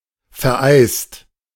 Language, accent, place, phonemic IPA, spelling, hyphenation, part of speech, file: German, Germany, Berlin, /fɛʁˈʔaɪst/, vereist, ver‧eist, verb, De-vereist.ogg
- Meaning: 1. past participle of vereisen 2. inflection of vereisen: second/third-person singular present 3. inflection of vereisen: second-person plural present